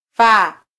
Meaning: 1. to die 2. to stop, come to an end
- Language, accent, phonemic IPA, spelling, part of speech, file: Swahili, Kenya, /fɑ/, fa, verb, Sw-ke-fa.flac